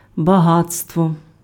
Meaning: 1. wealth 2. abundance, profusion
- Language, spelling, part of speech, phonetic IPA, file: Ukrainian, багатство, noun, [bɐˈɦat͡stwɔ], Uk-багатство.ogg